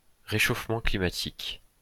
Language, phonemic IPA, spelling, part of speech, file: French, /ʁe.ʃof.mɑ̃ kli.ma.tik/, réchauffement climatique, noun, LL-Q150 (fra)-réchauffement climatique.wav
- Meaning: global warming